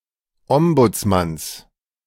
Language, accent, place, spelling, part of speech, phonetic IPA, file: German, Germany, Berlin, Ombudsmanns, noun, [ˈɔmbʊt͡sˌmans], De-Ombudsmanns.ogg
- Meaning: genitive singular of Ombudsmann